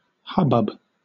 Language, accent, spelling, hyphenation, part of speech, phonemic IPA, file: English, Southern England, hubbub, hub‧bub, noun / verb, /ˈhʌbʌb/, LL-Q1860 (eng)-hubbub.wav
- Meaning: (noun) 1. A confused sound of a crowd of people shouting or speaking simultaneously; an uproar 2. Noisy confusion; commotion, uproar; (countable) an instance of this; an ado, a commotion